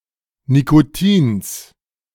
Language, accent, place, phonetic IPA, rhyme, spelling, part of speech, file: German, Germany, Berlin, [nikoˈtiːns], -iːns, Nicotins, noun, De-Nicotins.ogg
- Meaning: genitive singular of Nicotin